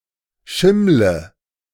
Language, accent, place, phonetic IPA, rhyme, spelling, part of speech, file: German, Germany, Berlin, [ˈʃɪmlə], -ɪmlə, schimmle, verb, De-schimmle.ogg
- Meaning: inflection of schimmeln: 1. first-person singular present 2. singular imperative 3. first/third-person singular subjunctive I